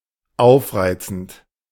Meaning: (verb) present participle of aufreizen; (adjective) salacious, provocative, slinky
- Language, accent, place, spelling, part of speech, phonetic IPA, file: German, Germany, Berlin, aufreizend, adjective / verb, [ˈaʊ̯fˌʁaɪ̯t͡sn̩t], De-aufreizend.ogg